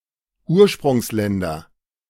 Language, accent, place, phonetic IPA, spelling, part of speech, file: German, Germany, Berlin, [ˈuːɐ̯ʃpʁʊŋsˌlɛndɐ], Ursprungsländer, noun, De-Ursprungsländer.ogg
- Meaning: nominative/accusative/genitive plural of Ursprungsland